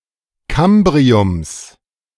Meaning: genitive singular of Kambrium
- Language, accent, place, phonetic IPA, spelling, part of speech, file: German, Germany, Berlin, [ˈkambʁiʊms], Kambriums, noun, De-Kambriums.ogg